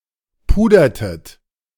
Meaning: inflection of pudern: 1. second-person plural preterite 2. second-person plural subjunctive II
- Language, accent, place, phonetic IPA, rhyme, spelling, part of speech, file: German, Germany, Berlin, [ˈpuːdɐtət], -uːdɐtət, pudertet, verb, De-pudertet.ogg